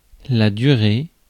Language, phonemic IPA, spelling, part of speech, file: French, /dy.ʁe/, durée, noun / verb, Fr-durée.ogg
- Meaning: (noun) duration, period, time taken; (verb) feminine singular of duré